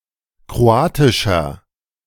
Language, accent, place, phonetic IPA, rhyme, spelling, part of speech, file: German, Germany, Berlin, [kʁoˈaːtɪʃɐ], -aːtɪʃɐ, kroatischer, adjective, De-kroatischer.ogg
- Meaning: inflection of kroatisch: 1. strong/mixed nominative masculine singular 2. strong genitive/dative feminine singular 3. strong genitive plural